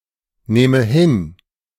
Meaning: first/third-person singular subjunctive II of hinnehmen
- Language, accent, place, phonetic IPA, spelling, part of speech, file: German, Germany, Berlin, [ˌnɛːmə ˈhɪn], nähme hin, verb, De-nähme hin.ogg